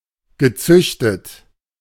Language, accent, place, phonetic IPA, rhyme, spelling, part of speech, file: German, Germany, Berlin, [ɡəˈt͡sʏçtət], -ʏçtət, gezüchtet, verb, De-gezüchtet.ogg
- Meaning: past participle of züchten